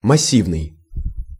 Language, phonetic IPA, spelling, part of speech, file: Russian, [mɐˈsʲivnɨj], массивный, adjective, Ru-массивный.ogg
- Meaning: 1. massive (in various senses) 2. clumpy